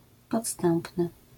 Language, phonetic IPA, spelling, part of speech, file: Polish, [pɔtˈstɛ̃mpnɨ], podstępny, adjective, LL-Q809 (pol)-podstępny.wav